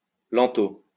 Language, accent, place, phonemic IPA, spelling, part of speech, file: French, France, Lyon, /lɛn.to/, lento, adverb, LL-Q150 (fra)-lento.wav
- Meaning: slowly; lento